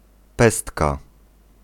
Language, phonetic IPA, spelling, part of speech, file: Polish, [ˈpɛstka], pestka, noun, Pl-pestka.ogg